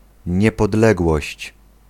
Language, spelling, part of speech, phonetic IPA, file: Polish, niepodległość, noun, [ˌɲɛpɔdˈlɛɡwɔɕt͡ɕ], Pl-niepodległość.ogg